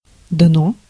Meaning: 1. floor, bed (hard surface at the bottom of a body of water) 2. bottom surface of a container 3. bottom of society
- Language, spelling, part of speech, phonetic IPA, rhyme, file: Russian, дно, noun, [dno], -o, Ru-дно.ogg